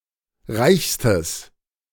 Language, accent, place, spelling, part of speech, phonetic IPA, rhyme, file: German, Germany, Berlin, reichstes, adjective, [ˈʁaɪ̯çstəs], -aɪ̯çstəs, De-reichstes.ogg
- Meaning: strong/mixed nominative/accusative neuter singular superlative degree of reich